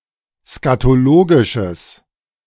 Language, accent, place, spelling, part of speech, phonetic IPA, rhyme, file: German, Germany, Berlin, skatologisches, adjective, [skatoˈloːɡɪʃəs], -oːɡɪʃəs, De-skatologisches.ogg
- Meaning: strong/mixed nominative/accusative neuter singular of skatologisch